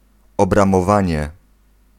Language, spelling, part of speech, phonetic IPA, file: Polish, obramowanie, noun, [ˌɔbrãmɔˈvãɲɛ], Pl-obramowanie.ogg